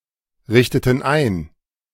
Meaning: inflection of einrichten: 1. first/third-person plural preterite 2. first/third-person plural subjunctive II
- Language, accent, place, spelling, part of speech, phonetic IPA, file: German, Germany, Berlin, richteten ein, verb, [ˌʁɪçtətn̩ ˈaɪ̯n], De-richteten ein.ogg